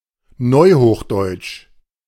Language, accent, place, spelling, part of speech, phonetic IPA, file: German, Germany, Berlin, neuhochdeutsch, adjective, [ˈnɔɪ̯hoːxˌdɔɪ̯t͡ʃ], De-neuhochdeutsch.ogg
- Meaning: New High German (related to the New High German language)